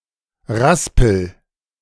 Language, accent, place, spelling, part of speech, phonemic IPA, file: German, Germany, Berlin, Raspel, noun, /ˈʁaspəl/, De-Raspel.ogg
- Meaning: 1. rasp (coarse file) 2. grater